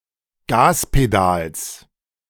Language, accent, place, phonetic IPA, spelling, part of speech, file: German, Germany, Berlin, [ˈɡaːspeˌdaːls], Gaspedals, noun, De-Gaspedals.ogg
- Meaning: genitive of Gaspedal